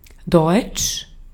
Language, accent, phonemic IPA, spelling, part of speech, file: German, Austria, /dɔʏ̯t͡ʃ/, deutsch, adjective, De-at-deutsch.ogg
- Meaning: 1. German (of or pertaining to the German people) 2. German (of or pertaining to Germany) 3. German (of or pertaining to the German language)